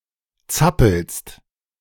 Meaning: second-person singular present of zappeln
- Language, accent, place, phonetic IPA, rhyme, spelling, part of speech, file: German, Germany, Berlin, [ˈt͡sapl̩st], -apl̩st, zappelst, verb, De-zappelst.ogg